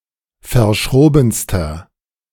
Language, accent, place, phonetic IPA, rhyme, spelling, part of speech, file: German, Germany, Berlin, [fɐˈʃʁoːbn̩stɐ], -oːbn̩stɐ, verschrobenster, adjective, De-verschrobenster.ogg
- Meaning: inflection of verschroben: 1. strong/mixed nominative masculine singular superlative degree 2. strong genitive/dative feminine singular superlative degree 3. strong genitive plural superlative degree